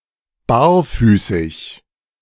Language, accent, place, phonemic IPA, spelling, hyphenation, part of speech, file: German, Germany, Berlin, /ˈbaːɐ̯ˌfyːsɪç/, barfüßig, bar‧fü‧ßig, adjective, De-barfüßig.ogg
- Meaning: barefooted, bare-footed, barefoot